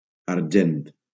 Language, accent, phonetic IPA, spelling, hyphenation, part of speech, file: Catalan, Valencia, [aɾˈd͡ʒent], argent, ar‧gent, noun, LL-Q7026 (cat)-argent.wav
- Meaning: 1. silver 2. argent 3. money, cash